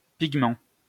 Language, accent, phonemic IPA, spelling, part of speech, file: French, France, /piɡ.mɑ̃/, pigment, noun, LL-Q150 (fra)-pigment.wav
- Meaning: pigment, coloring substance